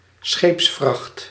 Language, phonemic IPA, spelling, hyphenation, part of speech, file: Dutch, /ˈsxeːps.frɑxt/, scheepsvracht, scheeps‧vracht, noun, Nl-scheepsvracht.ogg
- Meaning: 1. the cargo of a ship 2. a shipload